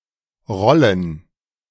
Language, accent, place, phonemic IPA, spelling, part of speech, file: German, Germany, Berlin, /ˈʁɔlən/, Rollen, noun, De-Rollen.ogg
- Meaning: 1. plural of Rolle 2. scroll lock